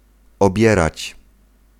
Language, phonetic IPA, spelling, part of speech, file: Polish, [ɔˈbʲjɛrat͡ɕ], obierać, verb, Pl-obierać.ogg